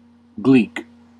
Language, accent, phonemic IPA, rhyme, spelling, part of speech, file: English, US, /ɡliːk/, -iːk, gleek, noun / verb, En-us-gleek.ogg
- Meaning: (noun) 1. A once-popular game of cards played by three people 2. Three of the same cards held in one hand; three of a kind 3. A jest or scoff; trick or deception 4. An enticing glance or look